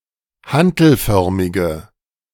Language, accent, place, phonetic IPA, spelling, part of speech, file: German, Germany, Berlin, [ˈhantl̩ˌfœʁmɪɡə], hantelförmige, adjective, De-hantelförmige.ogg
- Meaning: inflection of hantelförmig: 1. strong/mixed nominative/accusative feminine singular 2. strong nominative/accusative plural 3. weak nominative all-gender singular